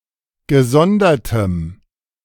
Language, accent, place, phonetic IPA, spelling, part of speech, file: German, Germany, Berlin, [ɡəˈzɔndɐtəm], gesondertem, adjective, De-gesondertem.ogg
- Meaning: strong dative masculine/neuter singular of gesondert